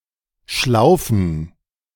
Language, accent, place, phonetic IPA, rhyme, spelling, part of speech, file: German, Germany, Berlin, [ˈʃlaʊ̯fn̩], -aʊ̯fn̩, Schlaufen, noun, De-Schlaufen.ogg
- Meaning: plural of Schlaufe